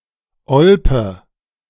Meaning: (proper noun) 1. a town and rural district of North Rhine-Westphalia, Germany in the Sauerland 2. a city in Lyon County, Kansas, United States
- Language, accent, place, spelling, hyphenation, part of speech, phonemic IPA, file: German, Germany, Berlin, Olpe, Ol‧pe, proper noun / noun, /ˈɔlpə/, De-Olpe.ogg